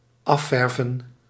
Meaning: 1. to finish painting 2. to give off paint or pigment
- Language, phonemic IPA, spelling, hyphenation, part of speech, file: Dutch, /ˈɑˌfɛr.və(n)/, afverven, af‧ver‧ven, verb, Nl-afverven.ogg